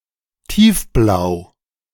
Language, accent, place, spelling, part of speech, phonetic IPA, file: German, Germany, Berlin, tiefblau, adjective, [ˈtiːfˌblaʊ̯], De-tiefblau.ogg
- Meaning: deep / dark blue